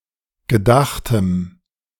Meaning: strong dative masculine/neuter singular of gedacht
- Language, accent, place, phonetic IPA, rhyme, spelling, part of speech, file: German, Germany, Berlin, [ɡəˈdaxtəm], -axtəm, gedachtem, adjective, De-gedachtem.ogg